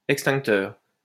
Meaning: fire extinguisher
- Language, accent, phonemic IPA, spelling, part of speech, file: French, France, /ɛk.stɛ̃k.tœʁ/, extincteur, noun, LL-Q150 (fra)-extincteur.wav